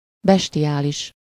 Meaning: bestial
- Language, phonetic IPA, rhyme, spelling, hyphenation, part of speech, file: Hungarian, [ˈbɛʃtijaːliʃ], -iʃ, bestiális, bes‧ti‧á‧lis, adjective, Hu-bestiális.ogg